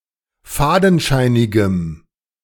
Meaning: strong dative masculine/neuter singular of fadenscheinig
- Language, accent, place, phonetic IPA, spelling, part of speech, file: German, Germany, Berlin, [ˈfaːdn̩ˌʃaɪ̯nɪɡəm], fadenscheinigem, adjective, De-fadenscheinigem.ogg